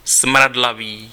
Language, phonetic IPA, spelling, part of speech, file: Czech, [ˈsm̩radlaviː], smradlavý, adjective, Cs-smradlavý.ogg
- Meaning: stinking